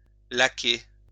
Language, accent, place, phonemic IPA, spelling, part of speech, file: French, France, Lyon, /la.ke/, laquer, verb, LL-Q150 (fra)-laquer.wav
- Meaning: to lacquer